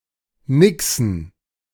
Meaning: plural of Nixe
- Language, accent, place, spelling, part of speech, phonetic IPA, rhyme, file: German, Germany, Berlin, Nixen, noun, [ˈnɪksn̩], -ɪksn̩, De-Nixen.ogg